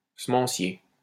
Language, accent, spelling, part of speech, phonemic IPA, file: French, France, semencier, adjective / noun, /sə.mɑ̃.sje/, LL-Q150 (fra)-semencier.wav
- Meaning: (adjective) seed; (noun) seed merchant or company